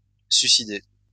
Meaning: suicide, someone who commits suicide
- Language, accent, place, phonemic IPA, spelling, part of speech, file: French, France, Lyon, /sɥi.si.de/, suicidée, noun, LL-Q150 (fra)-suicidée.wav